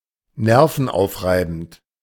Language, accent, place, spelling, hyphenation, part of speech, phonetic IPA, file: German, Germany, Berlin, nervenaufreibend, ner‧ven‧auf‧rei‧bend, adjective, [ˈnɛʁfn̩ˌaʊ̯fʁaɪ̯bn̩t], De-nervenaufreibend.ogg
- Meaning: unnerving